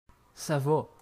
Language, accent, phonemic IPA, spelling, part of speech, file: French, Canada, /sa va/, ça va, interjection, Qc-ça va.ogg
- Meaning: 1. how are you? how's it going? how are things? 2. things are going fine 3. OK, all right, sure, sure thing, sounds good, that's fine, that works for me